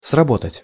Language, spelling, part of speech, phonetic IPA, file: Russian, сработать, verb, [srɐˈbotətʲ], Ru-сработать.ogg
- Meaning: 1. to work, to function (of a machine) 2. to succeed, to work (of an attempt) 3. to make, to produce